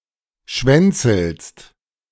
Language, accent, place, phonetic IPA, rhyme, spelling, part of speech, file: German, Germany, Berlin, [ˈʃvɛnt͡sl̩st], -ɛnt͡sl̩st, schwänzelst, verb, De-schwänzelst.ogg
- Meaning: second-person singular present of schwänzeln